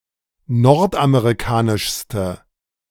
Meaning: inflection of nordamerikanisch: 1. strong/mixed nominative/accusative feminine singular superlative degree 2. strong nominative/accusative plural superlative degree
- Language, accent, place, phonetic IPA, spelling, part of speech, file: German, Germany, Berlin, [ˈnɔʁtʔameʁiˌkaːnɪʃstə], nordamerikanischste, adjective, De-nordamerikanischste.ogg